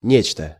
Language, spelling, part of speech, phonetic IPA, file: Russian, нечто, pronoun, [ˈnʲet͡ɕtə], Ru-нечто.ogg
- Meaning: something